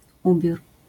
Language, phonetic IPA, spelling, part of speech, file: Polish, [ˈubʲjur], ubiór, noun, LL-Q809 (pol)-ubiór.wav